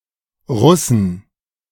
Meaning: plural of Russe
- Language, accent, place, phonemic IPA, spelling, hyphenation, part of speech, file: German, Germany, Berlin, /ˈʁʊsn̩/, Russen, Rus‧sen, noun, De-Russen.ogg